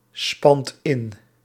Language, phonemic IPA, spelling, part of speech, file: Dutch, /ˈspɑnt ˈɪn/, spant in, verb, Nl-spant in.ogg
- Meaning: inflection of inspannen: 1. second/third-person singular present indicative 2. plural imperative